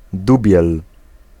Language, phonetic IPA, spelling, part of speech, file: Polish, [ˈdubʲjɛl], dubiel, noun, Pl-dubiel.ogg